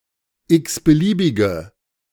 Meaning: inflection of x-beliebig: 1. strong/mixed nominative/accusative feminine singular 2. strong nominative/accusative plural 3. weak nominative all-gender singular
- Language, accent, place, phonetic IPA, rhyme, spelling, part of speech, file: German, Germany, Berlin, [ˌɪksbəˈliːbɪɡə], -iːbɪɡə, x-beliebige, adjective, De-x-beliebige.ogg